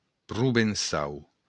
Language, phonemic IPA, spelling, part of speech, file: Occitan, /pʀuveⁿsˈaw/, provençau, adjective / noun, LL-Q35735-provençau.wav
- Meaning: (adjective) Provençal; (noun) 1. the Occitan language (loosely); the Provençal dialect of Occitan (strictly) 2. a native or inhabitant of Provence